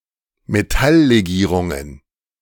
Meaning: plural of Metalllegierung
- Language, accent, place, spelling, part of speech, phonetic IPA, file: German, Germany, Berlin, Metalllegierungen, noun, [meˈtalleˌɡiːʁʊŋən], De-Metalllegierungen.ogg